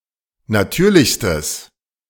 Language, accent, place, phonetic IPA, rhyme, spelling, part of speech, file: German, Germany, Berlin, [naˈtyːɐ̯lɪçstəs], -yːɐ̯lɪçstəs, natürlichstes, adjective, De-natürlichstes.ogg
- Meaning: strong/mixed nominative/accusative neuter singular superlative degree of natürlich